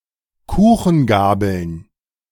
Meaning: plural of Kuchengabel
- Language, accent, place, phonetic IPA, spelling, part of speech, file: German, Germany, Berlin, [ˈkuːxn̩ˌɡaːbl̩n], Kuchengabeln, noun, De-Kuchengabeln.ogg